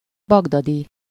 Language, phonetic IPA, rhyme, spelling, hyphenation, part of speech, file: Hungarian, [ˈbɒɡdɒdi], -di, bagdadi, bag‧da‧di, adjective / noun, Hu-bagdadi.ogg
- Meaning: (adjective) Baghdadi, Baghdadian (of, from, or relating to Baghdad); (noun) Baghdadi, Baghdadian (a person from Baghdad)